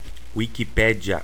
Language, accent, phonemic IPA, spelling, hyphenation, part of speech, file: Portuguese, Brazil, /ˌwi.kiˈpɛ.d͡ʒjɐ/, Wikipédia, Wi‧ki‧pé‧di‧a, proper noun, Wikipédia.ogg
- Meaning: Wikipedia